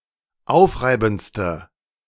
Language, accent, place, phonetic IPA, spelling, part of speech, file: German, Germany, Berlin, [ˈaʊ̯fˌʁaɪ̯bn̩t͡stə], aufreibendste, adjective, De-aufreibendste.ogg
- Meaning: inflection of aufreibend: 1. strong/mixed nominative/accusative feminine singular superlative degree 2. strong nominative/accusative plural superlative degree